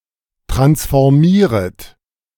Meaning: second-person plural subjunctive I of transformieren
- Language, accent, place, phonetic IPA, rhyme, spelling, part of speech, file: German, Germany, Berlin, [ˌtʁansfɔʁˈmiːʁət], -iːʁət, transformieret, verb, De-transformieret.ogg